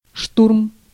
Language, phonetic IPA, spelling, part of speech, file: Russian, [ʂturm], штурм, noun, Ru-штурм.ogg
- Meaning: storm, storming of something, assault (fast, violent, often frontal attack)